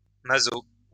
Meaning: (adjective) masochistic; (noun) masochist
- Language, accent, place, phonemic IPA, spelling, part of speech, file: French, France, Lyon, /ma.zo/, maso, adjective / noun, LL-Q150 (fra)-maso.wav